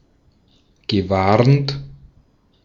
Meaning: past participle of warnen
- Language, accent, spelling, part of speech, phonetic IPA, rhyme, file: German, Austria, gewarnt, verb, [ɡəˈvaʁnt], -aʁnt, De-at-gewarnt.ogg